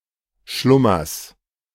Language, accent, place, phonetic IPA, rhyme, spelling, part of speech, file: German, Germany, Berlin, [ˈʃlʊmɐs], -ʊmɐs, Schlummers, noun, De-Schlummers.ogg
- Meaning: genitive of Schlummer